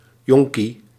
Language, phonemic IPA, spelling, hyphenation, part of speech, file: Dutch, /ˈjɔŋ.ki/, jonkie, jon‧kie, noun, Nl-jonkie.ogg
- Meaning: youngling, little one ((relatively) young person)